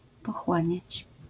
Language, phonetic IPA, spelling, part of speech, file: Polish, [pɔˈxwãɲät͡ɕ], pochłaniać, verb, LL-Q809 (pol)-pochłaniać.wav